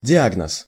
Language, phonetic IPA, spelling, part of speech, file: Russian, [dʲɪˈaɡnəs], диагноз, noun, Ru-диагноз.ogg
- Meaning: diagnosis (identification of the nature and cause of an illness)